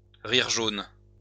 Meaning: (verb) to laugh in a forced way, to give a hollow laugh, to laugh grudgingly; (noun) a hollow laugh, a sour laughter
- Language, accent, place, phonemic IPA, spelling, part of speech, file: French, France, Lyon, /ʁiʁ ʒon/, rire jaune, verb / noun, LL-Q150 (fra)-rire jaune.wav